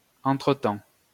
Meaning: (adverb) Pre-1990 spelling of entretemps
- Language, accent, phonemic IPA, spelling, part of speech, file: French, France, /ɑ̃.tʁə.tɑ̃/, entre-temps, adverb / noun, LL-Q150 (fra)-entre-temps.wav